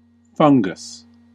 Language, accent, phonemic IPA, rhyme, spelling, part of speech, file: English, US, /ˈfʌŋ.ɡəs/, -ʌŋɡəs, fungus, noun, En-us-fungus.ogg
- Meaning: 1. A eukaryotic organism of the kingdom Fungi typically having chitin cell walls but no chlorophyll or plastids. Fungi may be unicellular or multicellular 2. The flesh of such an organism